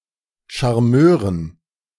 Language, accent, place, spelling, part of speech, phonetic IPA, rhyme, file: German, Germany, Berlin, Charmeuren, noun, [ʃaʁˈmøːʁən], -øːʁən, De-Charmeuren.ogg
- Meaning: dative plural of Charmeur